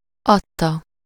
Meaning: 1. third-person singular indicative past definite of ad 2. verbal participle of ad
- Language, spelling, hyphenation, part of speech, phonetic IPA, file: Hungarian, adta, ad‧ta, verb, [ˈɒtːɒ], Hu-adta.ogg